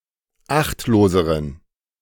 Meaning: inflection of achtlos: 1. strong genitive masculine/neuter singular comparative degree 2. weak/mixed genitive/dative all-gender singular comparative degree
- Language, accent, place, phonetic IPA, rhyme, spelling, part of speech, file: German, Germany, Berlin, [ˈaxtloːzəʁən], -axtloːzəʁən, achtloseren, adjective, De-achtloseren.ogg